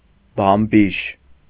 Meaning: queen
- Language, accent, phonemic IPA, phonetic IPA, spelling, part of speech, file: Armenian, Eastern Armenian, /bɑmˈbiʃ/, [bɑmbíʃ], բամբիշ, noun, Hy-բամբիշ.ogg